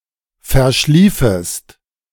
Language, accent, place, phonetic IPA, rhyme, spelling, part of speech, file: German, Germany, Berlin, [fɛɐ̯ˈʃliːfəst], -iːfəst, verschliefest, verb, De-verschliefest.ogg
- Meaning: second-person singular subjunctive II of verschlafen